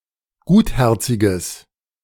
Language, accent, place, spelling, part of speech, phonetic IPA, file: German, Germany, Berlin, gutherziges, adjective, [ˈɡuːtˌhɛʁt͡sɪɡəs], De-gutherziges.ogg
- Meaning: strong/mixed nominative/accusative neuter singular of gutherzig